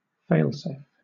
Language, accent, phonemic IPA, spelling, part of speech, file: English, Southern England, /ˈfeɪlˌseɪf/, fail-safe, adjective / noun / verb, LL-Q1860 (eng)-fail-safe.wav
- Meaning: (adjective) 1. That does not cause undue damage in the event of failure 2. Designed to shut off for safety if an emergency occurs